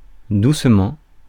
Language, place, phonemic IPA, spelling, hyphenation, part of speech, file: French, Paris, /dus.mɑ̃/, doucement, douce‧ment, adverb, Fr-doucement.ogg
- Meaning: 1. softly 2. quietly 3. gently